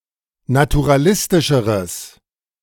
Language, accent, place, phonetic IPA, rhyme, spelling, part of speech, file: German, Germany, Berlin, [natuʁaˈlɪstɪʃəʁəs], -ɪstɪʃəʁəs, naturalistischeres, adjective, De-naturalistischeres.ogg
- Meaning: strong/mixed nominative/accusative neuter singular comparative degree of naturalistisch